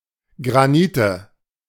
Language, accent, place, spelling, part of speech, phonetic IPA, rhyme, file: German, Germany, Berlin, Granite, noun, [ɡʁaˈniːtə], -iːtə, De-Granite.ogg
- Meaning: nominative/accusative/genitive plural of Granit